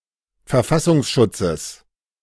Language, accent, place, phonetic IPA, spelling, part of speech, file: German, Germany, Berlin, [fɛɐ̯ˈfasʊŋsˌʃʊt͡səs], Verfassungsschutzes, noun, De-Verfassungsschutzes.ogg
- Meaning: genitive singular of Verfassungsschutz